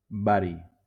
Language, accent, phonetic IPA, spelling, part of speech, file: Catalan, Valencia, [ˈba.ɾi], bari, noun, LL-Q7026 (cat)-bari.wav
- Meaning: barium